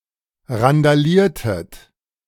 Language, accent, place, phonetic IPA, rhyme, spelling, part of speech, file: German, Germany, Berlin, [ʁandaˈliːɐ̯tət], -iːɐ̯tət, randaliertet, verb, De-randaliertet.ogg
- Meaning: inflection of randalieren: 1. second-person plural preterite 2. second-person plural subjunctive II